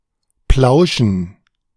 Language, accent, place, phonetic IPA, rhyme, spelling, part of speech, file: German, Germany, Berlin, [ˈplaʊ̯ʃn̩], -aʊ̯ʃn̩, plauschen, verb, De-plauschen.ogg
- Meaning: 1. to chat casually with a friend 2. to exaggerate, lie 3. to blab, gossip; to tell secrets